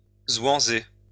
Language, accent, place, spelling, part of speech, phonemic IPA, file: French, France, Lyon, zwanzer, verb, /zwɑ̃.ze/, LL-Q150 (fra)-zwanzer.wav
- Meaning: to joke